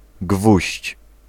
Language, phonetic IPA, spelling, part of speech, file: Polish, [ɡvuɕt͡ɕ], gwóźdź, noun, Pl-gwóźdź.ogg